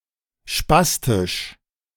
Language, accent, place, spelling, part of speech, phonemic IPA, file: German, Germany, Berlin, spastisch, adjective, /ˈʃpastɪʃ/, De-spastisch.ogg
- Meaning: spastic